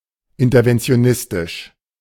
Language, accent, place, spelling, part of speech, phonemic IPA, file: German, Germany, Berlin, interventionistisch, adjective, /ˌɪntɐvɛnt͡sɪ̯oˈnɪstɪʃ/, De-interventionistisch.ogg
- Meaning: interventionist